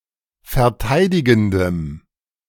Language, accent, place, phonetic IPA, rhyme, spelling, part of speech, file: German, Germany, Berlin, [fɛɐ̯ˈtaɪ̯dɪɡn̩dəm], -aɪ̯dɪɡn̩dəm, verteidigendem, adjective, De-verteidigendem.ogg
- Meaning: strong dative masculine/neuter singular of verteidigend